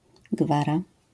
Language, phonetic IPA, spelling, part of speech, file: Polish, [ˈɡvara], gwara, noun, LL-Q809 (pol)-gwara.wav